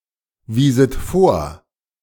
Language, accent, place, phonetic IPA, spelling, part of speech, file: German, Germany, Berlin, [ˌviːzət ˈfoːɐ̯], wieset vor, verb, De-wieset vor.ogg
- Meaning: second-person plural subjunctive II of vorweisen